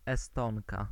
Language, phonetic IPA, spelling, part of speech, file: Polish, [ɛˈstɔ̃ŋka], Estonka, noun, Pl-Estonka.ogg